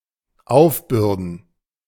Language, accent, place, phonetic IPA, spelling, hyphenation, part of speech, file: German, Germany, Berlin, [ˈʔaufˌbʏʁdn̩], aufbürden, auf‧bür‧den, verb, De-aufbürden.ogg
- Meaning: to burden, to impose